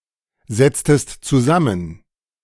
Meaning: inflection of zusammensetzen: 1. second-person singular preterite 2. second-person singular subjunctive II
- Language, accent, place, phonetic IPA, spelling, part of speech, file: German, Germany, Berlin, [ˌzɛt͡stəst t͡suˈzamən], setztest zusammen, verb, De-setztest zusammen.ogg